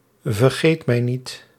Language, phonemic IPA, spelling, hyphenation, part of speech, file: Dutch, /vərˈɣeːt.mɛi̯ˌnit/, vergeet-mij-niet, ver‧geet-mij-niet, noun, Nl-vergeet-mij-niet.ogg
- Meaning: 1. a forget-me-not, flower of the genus Myosotis 2. Nepsera aquatica